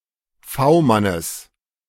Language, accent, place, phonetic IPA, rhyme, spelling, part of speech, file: German, Germany, Berlin, [ˈfaʊ̯ˌmanəs], -aʊ̯manəs, V-Mannes, noun, De-V-Mannes.ogg
- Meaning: genitive singular of V-Mann